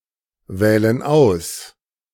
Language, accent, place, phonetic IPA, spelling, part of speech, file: German, Germany, Berlin, [ˌvɛːlən ˈaʊ̯s], wählen aus, verb, De-wählen aus.ogg
- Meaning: inflection of auswählen: 1. first/third-person plural present 2. first/third-person plural subjunctive I